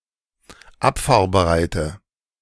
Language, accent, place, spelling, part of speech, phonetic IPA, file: German, Germany, Berlin, abfahrbereite, adjective, [ˈapfaːɐ̯bəˌʁaɪ̯tə], De-abfahrbereite.ogg
- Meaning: inflection of abfahrbereit: 1. strong/mixed nominative/accusative feminine singular 2. strong nominative/accusative plural 3. weak nominative all-gender singular